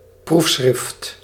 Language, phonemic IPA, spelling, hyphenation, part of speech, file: Dutch, /ˈpruf.sxrɪft/, proefschrift, proef‧schrift, noun, Nl-proefschrift.ogg
- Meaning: thesis, dissertation